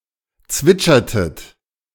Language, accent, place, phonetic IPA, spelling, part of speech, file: German, Germany, Berlin, [ˈt͡svɪt͡ʃɐtət], zwitschertet, verb, De-zwitschertet.ogg
- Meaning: inflection of zwitschern: 1. second-person plural preterite 2. second-person plural subjunctive II